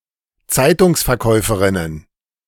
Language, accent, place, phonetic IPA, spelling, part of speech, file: German, Germany, Berlin, [ˈt͡saɪ̯tʊŋsfɛɐ̯ˌkɔɪ̯fəʁɪnən], Zeitungsverkäuferinnen, noun, De-Zeitungsverkäuferinnen.ogg
- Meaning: plural of Zeitungsverkäuferin